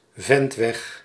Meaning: frontage road, service road
- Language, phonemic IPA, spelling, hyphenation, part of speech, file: Dutch, /ˈvɛnt.ʋɛx/, ventweg, vent‧weg, noun, Nl-ventweg.ogg